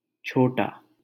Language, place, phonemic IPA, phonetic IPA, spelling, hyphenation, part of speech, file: Hindi, Delhi, /t͡ʃʰoː.ʈɑː/, [t͡ʃʰoː.ʈäː], छोटा, छो‧टा, adjective, LL-Q1568 (hin)-छोटा.wav
- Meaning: 1. little, small 2. younger, junior, minor, lesser 3. subordinate, inferior, common 4. trivial, trifling, unimportant, of no consequence 5. low, mean, insignificant, contemptible; common